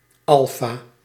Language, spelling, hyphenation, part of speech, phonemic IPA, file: Dutch, alfa, al‧fa, noun, /ˈɑl.faː/, Nl-alfa.ogg
- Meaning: 1. the letter alpha (first letter of the Greek alphabet) 2. Historically used in educational contexts to denote a humanistic orientation